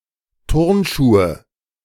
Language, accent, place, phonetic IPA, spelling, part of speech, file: German, Germany, Berlin, [ˈtʊʁnˌʃuːə], Turnschuhe, noun, De-Turnschuhe.ogg
- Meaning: nominative/accusative/genitive plural of Turnschuh